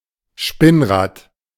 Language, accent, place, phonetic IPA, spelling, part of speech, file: German, Germany, Berlin, [ˈʃpɪnˌʁaːt], Spinnrad, noun, De-Spinnrad.ogg
- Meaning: spinning wheel